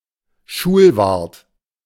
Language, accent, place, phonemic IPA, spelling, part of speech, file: German, Germany, Berlin, /ˈʃuːlˌvaʁt/, Schulwart, noun, De-Schulwart.ogg
- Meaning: caretaker (of a school)